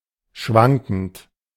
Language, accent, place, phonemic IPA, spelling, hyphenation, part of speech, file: German, Germany, Berlin, /ˈʃvaŋkn̩t/, schwankend, schwan‧kend, verb / adjective, De-schwankend.ogg
- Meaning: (verb) present participle of schwanken; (adjective) 1. unsteady, unstable, wobbly, wobbling, fluctuating, floating, swaying, tottering 2. changing, varying, variable